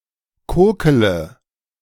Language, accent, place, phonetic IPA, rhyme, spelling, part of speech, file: German, Germany, Berlin, [ˈkoːkələ], -oːkələ, kokele, verb, De-kokele.ogg
- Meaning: inflection of kokeln: 1. first-person singular present 2. first-person plural subjunctive I 3. third-person singular subjunctive I 4. singular imperative